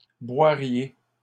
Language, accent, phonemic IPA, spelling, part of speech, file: French, Canada, /bwa.ʁje/, boiriez, verb, LL-Q150 (fra)-boiriez.wav
- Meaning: second-person plural conditional of boire